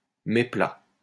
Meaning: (adjective) flat; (noun) plane
- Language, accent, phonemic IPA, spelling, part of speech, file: French, France, /me.pla/, méplat, adjective / noun, LL-Q150 (fra)-méplat.wav